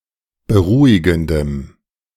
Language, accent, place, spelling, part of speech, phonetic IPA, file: German, Germany, Berlin, beruhigendem, adjective, [bəˈʁuːɪɡn̩dəm], De-beruhigendem.ogg
- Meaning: strong dative masculine/neuter singular of beruhigend